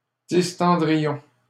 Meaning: first-person plural conditional of distendre
- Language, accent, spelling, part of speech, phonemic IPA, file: French, Canada, distendrions, verb, /dis.tɑ̃.dʁi.jɔ̃/, LL-Q150 (fra)-distendrions.wav